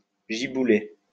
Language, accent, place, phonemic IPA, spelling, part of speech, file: French, France, Lyon, /ʒi.bu.le/, gibouler, verb, LL-Q150 (fra)-gibouler.wav
- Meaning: to pour down